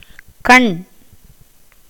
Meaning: 1. eye 2. liking, desire 3. eye or hollow marks (on a coconut, palm fruit) 4. dark eyelike spot on the feathers of certain birds (such as a peacock) 5. keeping an eye out 6. view, perspective
- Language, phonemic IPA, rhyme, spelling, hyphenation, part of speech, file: Tamil, /kɐɳ/, -ɐɳ, கண், கண், noun, Ta-கண்.ogg